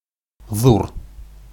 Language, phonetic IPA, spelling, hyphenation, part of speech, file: Bashkir, [ður], ҙур, ҙур, adjective, Ba-ҙур.ogg
- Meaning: big, large